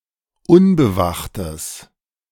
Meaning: strong/mixed nominative/accusative neuter singular of unbewacht
- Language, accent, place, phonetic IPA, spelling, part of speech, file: German, Germany, Berlin, [ˈʊnbəˌvaxtəs], unbewachtes, adjective, De-unbewachtes.ogg